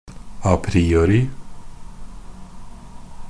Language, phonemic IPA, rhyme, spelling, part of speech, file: Norwegian Bokmål, /aˈpriːoːrɪ/, -oːrɪ, a priori, adverb, NB - Pronunciation of Norwegian Bokmål «a priori».ogg
- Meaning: 1. a priori; based on hypothesis rather than experiment 2. presumed without analysis, self-evident, intuitively obvious